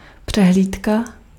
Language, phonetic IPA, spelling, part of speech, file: Czech, [ˈpr̝̊ɛɦliːtka], přehlídka, noun, Cs-přehlídka.ogg
- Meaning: 1. show (exhibition) 2. parade